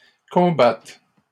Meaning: second-person singular present subjunctive of combattre
- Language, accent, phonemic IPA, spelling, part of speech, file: French, Canada, /kɔ̃.bat/, combattes, verb, LL-Q150 (fra)-combattes.wav